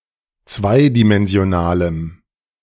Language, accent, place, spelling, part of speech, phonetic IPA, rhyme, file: German, Germany, Berlin, zweidimensionalem, adjective, [ˈt͡svaɪ̯dimɛnzi̯oˌnaːləm], -aɪ̯dimɛnzi̯onaːləm, De-zweidimensionalem.ogg
- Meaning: strong dative masculine/neuter singular of zweidimensional